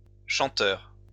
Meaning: plural of chanteur
- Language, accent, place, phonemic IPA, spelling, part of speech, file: French, France, Lyon, /ʃɑ̃.tœʁ/, chanteurs, noun, LL-Q150 (fra)-chanteurs.wav